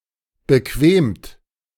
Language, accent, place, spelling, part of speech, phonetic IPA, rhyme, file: German, Germany, Berlin, bequemt, verb, [bəˈkveːmt], -eːmt, De-bequemt.ogg
- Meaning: 1. past participle of bequemen 2. inflection of bequemen: third-person singular present 3. inflection of bequemen: second-person plural present 4. inflection of bequemen: plural imperative